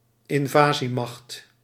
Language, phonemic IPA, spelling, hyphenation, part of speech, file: Dutch, /ɪnˈvaː.ziˌmɑxt/, invasiemacht, in‧va‧sie‧macht, noun, Nl-invasiemacht.ogg
- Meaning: invading force (military force raised for the purpose of an invasion)